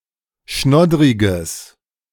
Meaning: strong/mixed nominative/accusative neuter singular of schnoddrig
- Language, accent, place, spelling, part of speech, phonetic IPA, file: German, Germany, Berlin, schnoddriges, adjective, [ˈʃnɔdʁɪɡəs], De-schnoddriges.ogg